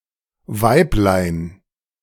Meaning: diminutive of Weib
- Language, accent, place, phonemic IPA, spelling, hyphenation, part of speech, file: German, Germany, Berlin, /ˈvaɪ̯pˌlaɪ̯n/, Weiblein, Weib‧lein, noun, De-Weiblein.ogg